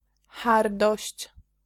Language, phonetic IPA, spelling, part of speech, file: Polish, [ˈxardɔɕt͡ɕ], hardość, noun, Pl-hardość.ogg